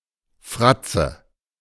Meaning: 1. sneer; grimace; evil smile 2. nominative/genitive/accusative plural of Fratz
- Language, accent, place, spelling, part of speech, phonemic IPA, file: German, Germany, Berlin, Fratze, noun, /ˈfʁat͡sə/, De-Fratze.ogg